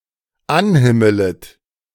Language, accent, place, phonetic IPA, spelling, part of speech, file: German, Germany, Berlin, [ˈanˌhɪmələt], anhimmelet, verb, De-anhimmelet.ogg
- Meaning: second-person plural dependent subjunctive I of anhimmeln